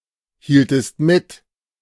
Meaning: inflection of mithalten: 1. second-person singular preterite 2. second-person singular subjunctive II
- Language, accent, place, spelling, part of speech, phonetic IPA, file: German, Germany, Berlin, hieltest mit, verb, [ˌhiːltəst ˈmɪt], De-hieltest mit.ogg